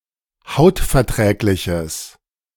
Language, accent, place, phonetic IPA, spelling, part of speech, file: German, Germany, Berlin, [ˈhaʊ̯tfɛɐ̯ˌtʁɛːklɪçəs], hautverträgliches, adjective, De-hautverträgliches.ogg
- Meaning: strong/mixed nominative/accusative neuter singular of hautverträglich